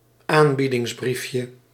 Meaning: diminutive of aanbiedingsbrief
- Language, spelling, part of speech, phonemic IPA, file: Dutch, aanbiedingsbriefje, noun, /ˈambidɪŋzˌbrifjə/, Nl-aanbiedingsbriefje.ogg